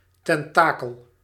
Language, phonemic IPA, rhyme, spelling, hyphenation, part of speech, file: Dutch, /ˌtɛnˈtaː.kəl/, -aːkəl, tentakel, ten‧ta‧kel, noun, Nl-tentakel.ogg
- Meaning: tentacle